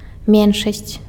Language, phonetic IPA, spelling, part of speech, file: Belarusian, [ˈmʲenʂasʲt͡sʲ], меншасць, noun, Be-меншасць.ogg
- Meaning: minority